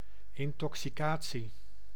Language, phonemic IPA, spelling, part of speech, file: Dutch, /ɪntɔksiˈkaː(t)si/, intoxicatie, noun, Nl-intoxicatie.ogg
- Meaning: intoxication